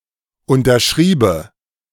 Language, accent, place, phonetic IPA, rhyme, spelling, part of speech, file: German, Germany, Berlin, [ˌʊntɐˈʃʁiːbə], -iːbə, unterschriebe, verb, De-unterschriebe.ogg
- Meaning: first/third-person singular subjunctive II of unterschreiben